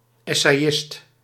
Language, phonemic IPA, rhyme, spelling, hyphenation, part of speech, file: Dutch, /ˌɛ.seːˈɪst/, -ɪst, essayist, es‧say‧ist, noun, Nl-essayist.ogg
- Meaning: an essayist, an essay writer